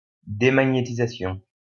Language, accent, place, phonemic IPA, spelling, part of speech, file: French, France, Lyon, /de.ma.ɲe.ti.za.sjɔ̃/, démagnétisation, noun, LL-Q150 (fra)-démagnétisation.wav
- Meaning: demagnetization